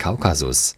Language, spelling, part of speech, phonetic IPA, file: German, Kaukasus, proper noun, [ˈkaʊ̯kazʊs], De-Kaukasus.ogg
- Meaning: Caucasus (mountain range, geographic region)